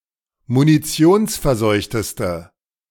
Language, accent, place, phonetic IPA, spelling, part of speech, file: German, Germany, Berlin, [muniˈt͡si̯oːnsfɛɐ̯ˌzɔɪ̯çtəstə], munitionsverseuchteste, adjective, De-munitionsverseuchteste.ogg
- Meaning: inflection of munitionsverseucht: 1. strong/mixed nominative/accusative feminine singular superlative degree 2. strong nominative/accusative plural superlative degree